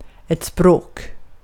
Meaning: language
- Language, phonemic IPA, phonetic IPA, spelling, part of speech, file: Swedish, /sproːk/, [sprɤʷk], språk, noun, Sv-språk.ogg